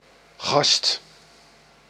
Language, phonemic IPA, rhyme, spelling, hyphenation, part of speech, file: Dutch, /ɣɑst/, -ɑst, gast, gast, noun / verb, Nl-gast.ogg
- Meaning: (noun) 1. guest 2. knave, worker, apprentice, delivery boy 3. dude, guy; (verb) inflection of gassen: 1. second/third-person singular present indicative 2. plural imperative